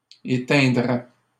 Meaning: first/second-person singular conditional of éteindre
- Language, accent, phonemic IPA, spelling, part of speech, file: French, Canada, /e.tɛ̃.dʁɛ/, éteindrais, verb, LL-Q150 (fra)-éteindrais.wav